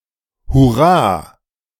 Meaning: hooray
- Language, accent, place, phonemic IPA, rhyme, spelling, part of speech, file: German, Germany, Berlin, /hʊˈraː/, -aː, Hurra, noun, De-Hurra.ogg